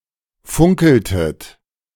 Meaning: inflection of funkeln: 1. second-person plural preterite 2. second-person plural subjunctive II
- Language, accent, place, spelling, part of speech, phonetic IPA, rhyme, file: German, Germany, Berlin, funkeltet, verb, [ˈfʊŋkl̩tət], -ʊŋkl̩tət, De-funkeltet.ogg